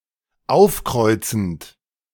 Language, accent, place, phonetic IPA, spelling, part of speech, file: German, Germany, Berlin, [ˈaʊ̯fˌkʁɔɪ̯t͡sn̩t], aufkreuzend, verb, De-aufkreuzend.ogg
- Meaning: present participle of aufkreuzen